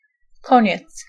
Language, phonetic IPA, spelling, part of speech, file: Polish, [ˈkɔ̃ɲɛt͡s], koniec, noun, Pl-koniec.ogg